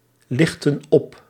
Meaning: inflection of oplichten: 1. plural past indicative 2. plural past subjunctive
- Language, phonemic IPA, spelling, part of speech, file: Dutch, /ˈlɪxtə(n) ˈɔp/, lichtten op, verb, Nl-lichtten op.ogg